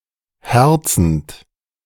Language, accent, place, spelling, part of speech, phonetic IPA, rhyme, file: German, Germany, Berlin, herzend, verb, [ˈhɛʁt͡sn̩t], -ɛʁt͡sn̩t, De-herzend.ogg
- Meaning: present participle of herzen